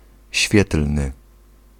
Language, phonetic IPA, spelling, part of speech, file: Polish, [ˈɕfʲjɛtl̥nɨ], świetlny, adjective, Pl-świetlny.ogg